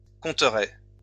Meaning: first-person singular future of compter
- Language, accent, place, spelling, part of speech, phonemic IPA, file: French, France, Lyon, compterai, verb, /kɔ̃.tʁe/, LL-Q150 (fra)-compterai.wav